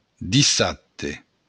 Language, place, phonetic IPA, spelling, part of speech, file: Occitan, Béarn, [diˈsatte], dissabte, noun, LL-Q14185 (oci)-dissabte.wav
- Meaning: Saturday